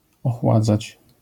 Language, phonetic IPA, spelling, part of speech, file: Polish, [ɔxˈwad͡zat͡ɕ], ochładzać, verb, LL-Q809 (pol)-ochładzać.wav